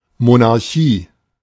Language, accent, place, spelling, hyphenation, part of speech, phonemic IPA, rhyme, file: German, Germany, Berlin, Monarchie, Mo‧nar‧chie, noun, /monaʁˈçiː/, -iː, De-Monarchie.ogg
- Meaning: monarchy